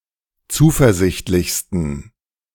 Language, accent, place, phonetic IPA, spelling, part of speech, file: German, Germany, Berlin, [ˈt͡suːfɛɐ̯ˌzɪçtlɪçstn̩], zuversichtlichsten, adjective, De-zuversichtlichsten.ogg
- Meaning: 1. superlative degree of zuversichtlich 2. inflection of zuversichtlich: strong genitive masculine/neuter singular superlative degree